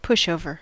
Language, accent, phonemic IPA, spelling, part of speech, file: English, US, /ˈpʊʃəʊvə(ɹ)/, pushover, noun, En-us-pushover.ogg
- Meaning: Someone who is easily swayed or influenced to change their mind or comply